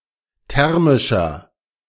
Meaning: inflection of thermisch: 1. strong/mixed nominative masculine singular 2. strong genitive/dative feminine singular 3. strong genitive plural
- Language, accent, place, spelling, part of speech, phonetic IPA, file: German, Germany, Berlin, thermischer, adjective, [ˈtɛʁmɪʃɐ], De-thermischer.ogg